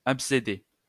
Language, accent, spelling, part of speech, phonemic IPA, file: French, France, abcédées, verb, /ap.se.de/, LL-Q150 (fra)-abcédées.wav
- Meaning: feminine plural of abcédé